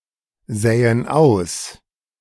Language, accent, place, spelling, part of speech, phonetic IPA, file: German, Germany, Berlin, säen aus, verb, [ˌzɛːən ˈaʊ̯s], De-säen aus.ogg
- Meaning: inflection of aussäen: 1. first/third-person plural present 2. first/third-person plural subjunctive I